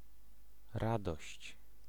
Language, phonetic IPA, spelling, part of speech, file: Polish, [ˈradɔɕt͡ɕ], radość, noun, Pl-radość.ogg